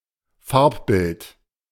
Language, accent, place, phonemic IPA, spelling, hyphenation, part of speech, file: German, Germany, Berlin, /ˈfaʁpˌbɪlt/, Farbbild, Farb‧bild, noun, De-Farbbild.ogg
- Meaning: color photo, colour photograph